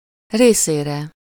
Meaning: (postposition) for, to (especially when giving, sending, passing (on), or delivering something to another person); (pronoun) for/to him/her/it; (noun) sublative singular of része
- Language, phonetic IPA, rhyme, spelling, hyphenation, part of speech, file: Hungarian, [ˈreːseːrɛ], -rɛ, részére, ré‧szé‧re, postposition / pronoun / noun, Hu-részére.ogg